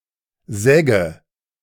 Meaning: sedge (plant of the genus Carex)
- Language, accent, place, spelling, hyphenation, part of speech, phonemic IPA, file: German, Germany, Berlin, Segge, Seg‧ge, noun, /ˈzɛɡə/, De-Segge.ogg